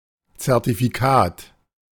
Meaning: certificate
- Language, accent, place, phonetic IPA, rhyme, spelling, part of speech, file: German, Germany, Berlin, [t͡sɛʁtifiˈkaːt], -aːt, Zertifikat, noun, De-Zertifikat.ogg